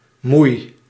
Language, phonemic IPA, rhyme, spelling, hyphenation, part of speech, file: Dutch, /mui̯/, -ui̯, moei, moei, noun / verb, Nl-moei.ogg
- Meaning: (noun) aunt; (verb) inflection of moeien: 1. first-person singular present indicative 2. second-person singular present indicative 3. imperative